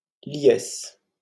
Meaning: jubilation, collective joy
- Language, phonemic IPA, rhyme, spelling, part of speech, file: French, /ljɛs/, -ɛs, liesse, noun, LL-Q150 (fra)-liesse.wav